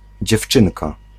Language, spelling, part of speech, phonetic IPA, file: Polish, dziewczynka, noun, [d͡ʑɛfˈt͡ʃɨ̃nka], Pl-dziewczynka.ogg